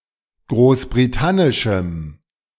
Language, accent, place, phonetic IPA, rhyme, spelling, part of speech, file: German, Germany, Berlin, [ˌɡʁoːsbʁiˈtanɪʃm̩], -anɪʃm̩, großbritannischem, adjective, De-großbritannischem.ogg
- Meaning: strong dative masculine/neuter singular of großbritannisch